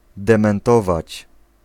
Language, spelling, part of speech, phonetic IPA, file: Polish, dementować, verb, [ˌdɛ̃mɛ̃nˈtɔvat͡ɕ], Pl-dementować.ogg